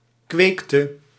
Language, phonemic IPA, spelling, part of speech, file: Dutch, /ˈkwekjə/, kweekje, noun, Nl-kweekje.ogg
- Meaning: diminutive of kweek